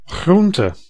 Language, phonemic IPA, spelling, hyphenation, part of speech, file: Dutch, /ˈɣrun.tə/, groente, groen‧te, noun, Nl-groente.ogg
- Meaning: 1. vegetables 2. a (type of) vegetable